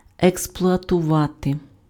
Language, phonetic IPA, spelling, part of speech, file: Ukrainian, [ekspɫʊɐtʊˈʋate], експлуатувати, verb, Uk-експлуатувати.ogg
- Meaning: to exploit